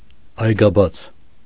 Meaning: 1. dawn, daybreak, sunrise 2. dawn, beginning, advent
- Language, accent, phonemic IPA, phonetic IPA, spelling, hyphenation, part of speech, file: Armenian, Eastern Armenian, /ɑjɡɑˈbɑt͡sʰ/, [ɑjɡɑbɑ́t͡sʰ], այգաբաց, այ‧գա‧բաց, noun, Hy-այգաբաց.ogg